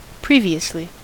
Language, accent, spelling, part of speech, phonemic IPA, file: English, US, previously, adverb, /ˈpɹivi.əsli/, En-us-previously.ogg
- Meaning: 1. First; beforehand, in advance 2. At an earlier time; already 3. Recapitulating the preceding episodes of a series